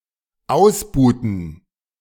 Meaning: inflection of ausbuhen: 1. first/third-person plural dependent preterite 2. first/third-person plural dependent subjunctive II
- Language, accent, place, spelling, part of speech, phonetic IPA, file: German, Germany, Berlin, ausbuhten, verb, [ˈaʊ̯sˌbuːtn̩], De-ausbuhten.ogg